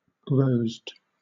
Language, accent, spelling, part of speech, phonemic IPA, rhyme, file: English, Southern England, rosed, verb / adjective, /ˈɹəʊzd/, -əʊzd, LL-Q1860 (eng)-rosed.wav
- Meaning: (verb) simple past and past participle of rose; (adjective) Having taken on a crimson colour